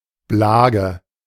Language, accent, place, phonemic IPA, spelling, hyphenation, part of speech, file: German, Germany, Berlin, /ˈblaːɡə/, Blage, Bla‧ge, noun, De-Blage.ogg
- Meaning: alternative form of Blag